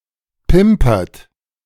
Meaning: inflection of pimpern: 1. third-person singular present 2. second-person plural present 3. plural imperative
- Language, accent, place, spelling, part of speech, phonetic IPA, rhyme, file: German, Germany, Berlin, pimpert, verb, [ˈpɪmpɐt], -ɪmpɐt, De-pimpert.ogg